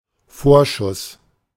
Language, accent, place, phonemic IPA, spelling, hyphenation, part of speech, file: German, Germany, Berlin, /ˈfoːɐ̯ˌʃʊs/, Vorschuss, Vor‧schuss, noun, De-Vorschuss.ogg
- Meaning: advance (amount of money)